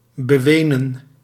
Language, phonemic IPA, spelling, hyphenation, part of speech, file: Dutch, /bəˈʋeː.nə(n)/, bewenen, be‧we‧nen, verb, Nl-bewenen.ogg
- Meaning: to cry about, to bewail